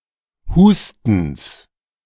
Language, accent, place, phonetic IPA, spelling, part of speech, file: German, Germany, Berlin, [ˈhuːstn̩s], Hustens, noun, De-Hustens.ogg
- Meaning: genitive singular of Husten